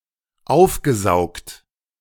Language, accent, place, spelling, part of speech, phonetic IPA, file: German, Germany, Berlin, aufgesaugt, verb, [ˈaʊ̯fɡəˌzaʊ̯kt], De-aufgesaugt.ogg
- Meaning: past participle of aufsaugen